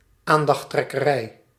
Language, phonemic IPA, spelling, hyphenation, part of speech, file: Dutch, /ˈaːn.dɑx.trɛ.kəˌrɛi̯/, aandachttrekkerij, aan‧dacht‧trek‧ke‧rij, noun, Nl-aandachttrekkerij.ogg
- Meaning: the drawing of attention (in an irritating manner)